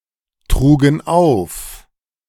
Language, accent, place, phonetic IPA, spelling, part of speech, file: German, Germany, Berlin, [ˌtʁuːɡn̩ ˈaʊ̯f], trugen auf, verb, De-trugen auf.ogg
- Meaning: first/third-person plural preterite of auftragen